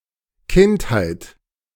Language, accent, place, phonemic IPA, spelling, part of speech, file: German, Germany, Berlin, /ˈkɪnt.haɪ̯t/, Kindheit, noun, De-Kindheit.ogg
- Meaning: childhood